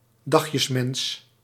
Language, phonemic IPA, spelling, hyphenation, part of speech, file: Dutch, /ˈdɑx.jəsˌmɛns/, dagjesmens, dag‧jes‧mens, noun, Nl-dagjesmens.ogg
- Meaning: day-tripper